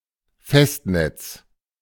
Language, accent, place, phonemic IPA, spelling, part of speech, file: German, Germany, Berlin, /ˈfɛstˌnɛt͡s/, Festnetz, noun, De-Festnetz.ogg
- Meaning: landline